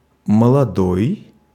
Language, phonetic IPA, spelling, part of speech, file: Russian, [məɫɐˈdoj], молодой, adjective / noun, Ru-молодой.ogg
- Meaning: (adjective) 1. young 2. youthful 3. new; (noun) genitive/dative/instrumental/prepositional singular of молода́я (molodája)